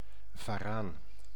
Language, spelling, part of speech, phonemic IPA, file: Dutch, varaan, noun, /vɑˈraːn/, Nl-varaan.ogg
- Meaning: the monitor lizard, a lizard of the genus Varanus